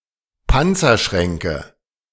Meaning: nominative/accusative/genitive plural of Panzerschrank
- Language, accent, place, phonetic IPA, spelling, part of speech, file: German, Germany, Berlin, [ˈpant͡sɐˌʃʁɛŋkə], Panzerschränke, noun, De-Panzerschränke.ogg